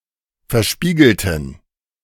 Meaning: inflection of verspiegelt: 1. strong genitive masculine/neuter singular 2. weak/mixed genitive/dative all-gender singular 3. strong/weak/mixed accusative masculine singular 4. strong dative plural
- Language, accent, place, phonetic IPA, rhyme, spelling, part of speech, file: German, Germany, Berlin, [fɛɐ̯ˈʃpiːɡl̩tn̩], -iːɡl̩tn̩, verspiegelten, adjective / verb, De-verspiegelten.ogg